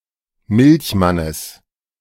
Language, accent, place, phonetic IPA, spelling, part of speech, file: German, Germany, Berlin, [ˈmɪlçˌmanəs], Milchmannes, noun, De-Milchmannes.ogg
- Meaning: genitive singular of Milchmann